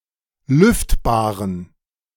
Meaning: inflection of lüftbar: 1. strong genitive masculine/neuter singular 2. weak/mixed genitive/dative all-gender singular 3. strong/weak/mixed accusative masculine singular 4. strong dative plural
- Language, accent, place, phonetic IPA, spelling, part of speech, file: German, Germany, Berlin, [ˈlʏftbaːʁən], lüftbaren, adjective, De-lüftbaren.ogg